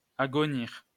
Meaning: to throw (insults at), to spit (profanities at)
- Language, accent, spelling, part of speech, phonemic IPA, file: French, France, agonir, verb, /a.ɡɔ.niʁ/, LL-Q150 (fra)-agonir.wav